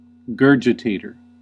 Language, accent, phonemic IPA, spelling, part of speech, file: English, US, /ˈɡɝ.d͡ʒə.teɪ.tɚ/, gurgitator, noun, En-us-gurgitator.ogg
- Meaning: A competitive eater